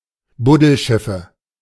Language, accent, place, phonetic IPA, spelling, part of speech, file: German, Germany, Berlin, [ˈbʊdl̩ˌʃɪfə], Buddelschiffe, noun, De-Buddelschiffe.ogg
- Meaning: nominative/accusative/genitive plural of Buddelschiff